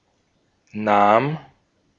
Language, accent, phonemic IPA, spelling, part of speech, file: German, Austria, /naːm/, nahm, verb, De-at-nahm.ogg
- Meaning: first/third-person singular preterite of nehmen